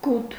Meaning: pity, compassion
- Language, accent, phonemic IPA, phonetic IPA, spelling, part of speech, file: Armenian, Eastern Armenian, /ɡutʰ/, [ɡutʰ], գութ, noun, Hy-գութ.ogg